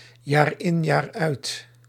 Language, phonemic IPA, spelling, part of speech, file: Dutch, /jaˈrɪnjaˌrœyt/, jaar in jaar uit, adverb, Nl-jaar in jaar uit.ogg
- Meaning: year in, year out